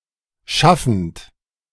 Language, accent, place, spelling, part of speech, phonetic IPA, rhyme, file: German, Germany, Berlin, schaffend, verb, [ˈʃafn̩t], -afn̩t, De-schaffend.ogg
- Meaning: present participle of schaffen